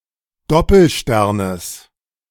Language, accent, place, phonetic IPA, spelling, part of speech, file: German, Germany, Berlin, [ˈdɔpl̩ˌʃtɛʁnəs], Doppelsternes, noun, De-Doppelsternes.ogg
- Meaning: genitive singular of Doppelstern